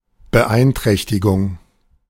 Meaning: impairment
- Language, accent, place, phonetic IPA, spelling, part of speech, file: German, Germany, Berlin, [bəˈʔaɪ̯ntʁɛçtɪɡʊŋ], Beeinträchtigung, noun, De-Beeinträchtigung.ogg